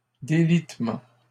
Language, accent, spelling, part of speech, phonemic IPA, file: French, Canada, délitement, noun, /de.lit.mɑ̃/, LL-Q150 (fra)-délitement.wav
- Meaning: disintegration